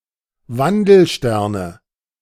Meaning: nominative/accusative/genitive plural of Wandelstern
- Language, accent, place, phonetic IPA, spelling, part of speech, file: German, Germany, Berlin, [ˈvandl̩ˌʃtɛʁnə], Wandelsterne, noun, De-Wandelsterne.ogg